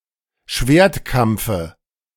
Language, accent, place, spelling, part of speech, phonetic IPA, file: German, Germany, Berlin, Schwertkampfe, noun, [ˈʃveːɐ̯tˌkamp͡fə], De-Schwertkampfe.ogg
- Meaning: dative of Schwertkampf